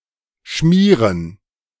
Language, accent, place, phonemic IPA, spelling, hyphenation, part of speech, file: German, Germany, Berlin, /ˈʃmiːʁən/, Schmieren, Schmie‧ren, noun, De-Schmieren.ogg
- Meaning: 1. gerund of schmieren 2. plural of Schmier